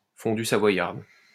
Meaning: cheese fondue (served with bread)
- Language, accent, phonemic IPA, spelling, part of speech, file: French, France, /fɔ̃.dy sa.vwa.jaʁd/, fondue savoyarde, noun, LL-Q150 (fra)-fondue savoyarde.wav